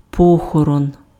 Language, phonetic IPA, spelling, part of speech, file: Ukrainian, [ˈpɔxɔrɔn], похорон, noun, Uk-похорон.ogg
- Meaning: funeral